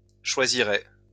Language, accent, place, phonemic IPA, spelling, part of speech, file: French, France, Lyon, /ʃwa.zi.ʁɛ/, choisirais, verb, LL-Q150 (fra)-choisirais.wav
- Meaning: first/second-person singular conditional of choisir